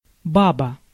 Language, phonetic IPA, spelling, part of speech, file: Russian, [ˈbabə], баба, noun, Ru-баба.ogg
- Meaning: 1. grandma, granny (short for ба́бушка (bábuška)) 2. old woman (short for ба́бушка (bábuška)) 3. (any) woman; countrywoman 4. woman, female, broad; countrywoman 5. peasant’s wife, peasant woman